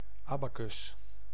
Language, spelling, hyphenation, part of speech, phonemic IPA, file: Dutch, abacus, aba‧cus, noun, /ˈɑ.baː.kʏs/, Nl-abacus.ogg
- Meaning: 1. abacus (arithmetic calculation device, usually with beads on rods) 2. abacus (upper portion of a column's capital)